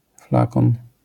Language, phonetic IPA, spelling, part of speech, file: Polish, [ˈflakɔ̃n], flakon, noun, LL-Q809 (pol)-flakon.wav